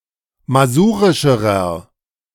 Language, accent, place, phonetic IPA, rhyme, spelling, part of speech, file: German, Germany, Berlin, [maˈzuːʁɪʃəʁɐ], -uːʁɪʃəʁɐ, masurischerer, adjective, De-masurischerer.ogg
- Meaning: inflection of masurisch: 1. strong/mixed nominative masculine singular comparative degree 2. strong genitive/dative feminine singular comparative degree 3. strong genitive plural comparative degree